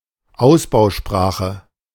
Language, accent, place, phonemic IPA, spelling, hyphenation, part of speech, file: German, Germany, Berlin, /ˈaʊ̯sbaʊ̯ˌʃpʁaːxə/, Ausbausprache, Aus‧bau‧spra‧che, noun, De-Ausbausprache.ogg
- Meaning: standardized language: a language or dialect that has been normalized (“built out”) to serve for sophisticated communicative purposes